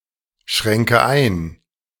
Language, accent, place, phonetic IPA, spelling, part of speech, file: German, Germany, Berlin, [ˌʃʁɛŋkə ˈaɪ̯n], schränke ein, verb, De-schränke ein.ogg
- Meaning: inflection of einschränken: 1. first-person singular present 2. first/third-person singular subjunctive I 3. singular imperative